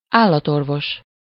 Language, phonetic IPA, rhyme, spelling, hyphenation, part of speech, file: Hungarian, [ˈaːlːɒtorvoʃ], -oʃ, állatorvos, ál‧lat‧or‧vos, noun, Hu-állatorvos.ogg
- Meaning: veterinarian (a medical doctor who treats non-human animals)